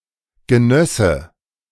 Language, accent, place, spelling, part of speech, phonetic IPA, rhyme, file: German, Germany, Berlin, genösse, verb, [ɡəˈnœsə], -œsə, De-genösse.ogg
- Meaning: first/third-person singular subjunctive II of genießen